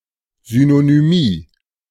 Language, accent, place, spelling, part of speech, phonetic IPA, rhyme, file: German, Germany, Berlin, Synonymie, noun, [zynonyˈmiː], -iː, De-Synonymie.ogg
- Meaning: synonymy